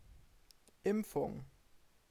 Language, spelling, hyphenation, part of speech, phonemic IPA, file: German, Impfung, Imp‧fung, noun, /ˈɪmp͡fʊŋ/, De-Impfung.ogg
- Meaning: 1. vaccination 2. inoculation